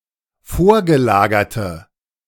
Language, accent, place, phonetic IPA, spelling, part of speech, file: German, Germany, Berlin, [ˈfoːɐ̯ɡəˌlaːɡɐtə], vorgelagerte, adjective, De-vorgelagerte.ogg
- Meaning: inflection of vorgelagert: 1. strong/mixed nominative/accusative feminine singular 2. strong nominative/accusative plural 3. weak nominative all-gender singular